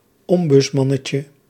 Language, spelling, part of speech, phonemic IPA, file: Dutch, ombudsmannetje, noun, /ˈɔm.bʏtsˌmɑ.nə.tjə/, Nl-ombudsmannetje.ogg
- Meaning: diminutive of ombudsman